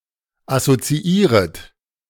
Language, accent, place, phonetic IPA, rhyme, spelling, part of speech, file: German, Germany, Berlin, [asot͡siˈiːʁət], -iːʁət, assoziieret, verb, De-assoziieret.ogg
- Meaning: second-person plural subjunctive I of assoziieren